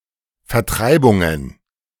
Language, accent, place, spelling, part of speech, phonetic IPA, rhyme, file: German, Germany, Berlin, Vertreibungen, noun, [fɛɐ̯ˈtʁaɪ̯bʊŋən], -aɪ̯bʊŋən, De-Vertreibungen.ogg
- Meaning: plural of Vertreibung